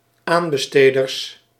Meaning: plural of aanbesteder
- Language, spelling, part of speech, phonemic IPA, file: Dutch, aanbesteders, noun, /ˈambəˌstedərs/, Nl-aanbesteders.ogg